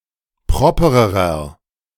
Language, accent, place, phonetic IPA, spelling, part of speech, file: German, Germany, Berlin, [ˈpʁɔpəʁəʁɐ], propererer, adjective, De-propererer.ogg
- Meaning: inflection of proper: 1. strong/mixed nominative masculine singular comparative degree 2. strong genitive/dative feminine singular comparative degree 3. strong genitive plural comparative degree